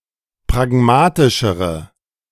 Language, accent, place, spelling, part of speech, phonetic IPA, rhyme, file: German, Germany, Berlin, pragmatischere, adjective, [pʁaˈɡmaːtɪʃəʁə], -aːtɪʃəʁə, De-pragmatischere.ogg
- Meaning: inflection of pragmatisch: 1. strong/mixed nominative/accusative feminine singular comparative degree 2. strong nominative/accusative plural comparative degree